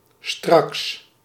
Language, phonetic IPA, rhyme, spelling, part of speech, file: Dutch, [strɑks], -ɑks, straks, adverb / adjective, Nl-straks.ogg
- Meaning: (adverb) 1. later today, shortly, in a moment 2. soon (in an unspecified amount of time) 3. soon (used to indicate what will happen if things continue as present) 4. immediately, right now